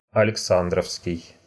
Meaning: 1. Alexander's 2. Alexandrov (referring to anyone with this last name, or to anything named after such a person)
- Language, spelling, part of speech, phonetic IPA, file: Russian, александровский, adjective, [ɐlʲɪkˈsandrəfskʲɪj], Ru-алекса́ндровский.ogg